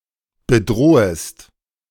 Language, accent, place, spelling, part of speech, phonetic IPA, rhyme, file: German, Germany, Berlin, bedrohest, verb, [bəˈdʁoːəst], -oːəst, De-bedrohest.ogg
- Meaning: second-person singular subjunctive I of bedrohen